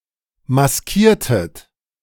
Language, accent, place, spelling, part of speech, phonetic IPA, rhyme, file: German, Germany, Berlin, maskiertet, verb, [masˈkiːɐ̯tət], -iːɐ̯tət, De-maskiertet.ogg
- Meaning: inflection of maskieren: 1. second-person plural preterite 2. second-person plural subjunctive II